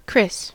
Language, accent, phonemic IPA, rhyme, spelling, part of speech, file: English, US, /kɹɪs/, -ɪs, Chris, proper noun, En-us-Chris.ogg
- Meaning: 1. A diminutive of the male given names Christopher and (less commonly) Christian 2. A diminutive of the female given name (along with other variant forms) Christina